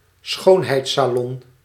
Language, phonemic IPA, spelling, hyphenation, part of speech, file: Dutch, /ˈsxoːn.ɦɛi̯t.saːˌlɔn/, schoonheidssalon, schoon‧heids‧sa‧lon, noun, Nl-schoonheidssalon.ogg
- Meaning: a beauty salon, a beauty parlour